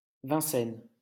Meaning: Vincennes (a city and commune of Val-de-Marne department, Île-de-France, France)
- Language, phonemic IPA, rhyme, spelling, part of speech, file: French, /vɛ̃.sɛn/, -ɛn, Vincennes, proper noun, LL-Q150 (fra)-Vincennes.wav